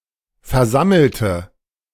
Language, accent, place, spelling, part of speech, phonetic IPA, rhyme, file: German, Germany, Berlin, versammelte, adjective / verb, [fɛɐ̯ˈzaml̩tə], -aml̩tə, De-versammelte.ogg
- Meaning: inflection of versammeln: 1. first/third-person singular preterite 2. first/third-person singular subjunctive II